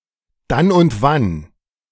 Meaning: now and then
- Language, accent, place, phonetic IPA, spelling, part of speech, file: German, Germany, Berlin, [ˈdan ʊnt ˈvan], dann und wann, adverb, De-dann und wann.ogg